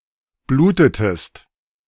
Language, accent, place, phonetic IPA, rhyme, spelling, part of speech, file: German, Germany, Berlin, [ˈbluːtətəst], -uːtətəst, blutetest, verb, De-blutetest.ogg
- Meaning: inflection of bluten: 1. second-person singular preterite 2. second-person singular subjunctive II